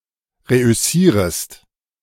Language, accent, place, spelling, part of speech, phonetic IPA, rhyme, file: German, Germany, Berlin, reüssierest, verb, [ˌʁeʔʏˈsiːʁəst], -iːʁəst, De-reüssierest.ogg
- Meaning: second-person singular subjunctive I of reüssieren